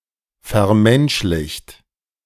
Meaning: 1. past participle of vermenschlichen 2. inflection of vermenschlichen: second-person plural present 3. inflection of vermenschlichen: third-person singular present
- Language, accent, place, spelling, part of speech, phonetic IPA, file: German, Germany, Berlin, vermenschlicht, verb, [fɛɐ̯ˈmɛnʃlɪçt], De-vermenschlicht.ogg